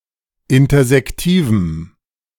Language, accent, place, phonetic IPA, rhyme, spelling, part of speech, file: German, Germany, Berlin, [ˌɪntɐzɛkˈtiːvm̩], -iːvm̩, intersektivem, adjective, De-intersektivem.ogg
- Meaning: strong dative masculine/neuter singular of intersektiv